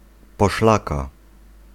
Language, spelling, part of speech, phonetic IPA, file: Polish, poszlaka, noun, [pɔˈʃlaka], Pl-poszlaka.ogg